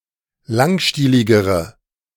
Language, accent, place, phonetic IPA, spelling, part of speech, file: German, Germany, Berlin, [ˈlaŋˌʃtiːlɪɡəʁə], langstieligere, adjective, De-langstieligere.ogg
- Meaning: inflection of langstielig: 1. strong/mixed nominative/accusative feminine singular comparative degree 2. strong nominative/accusative plural comparative degree